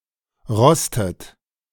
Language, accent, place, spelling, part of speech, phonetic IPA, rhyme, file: German, Germany, Berlin, rostet, verb, [ˈʁɔstət], -ɔstət, De-rostet.ogg
- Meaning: inflection of rosten: 1. third-person singular present 2. second-person plural present 3. second-person plural subjunctive I 4. plural imperative